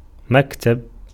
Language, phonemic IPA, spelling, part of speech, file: Arabic, /mak.tab/, مكتب, noun, Ar-مكتب.ogg
- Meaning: 1. maktab, elementary school 2. desk 3. office 4. bureau 5. study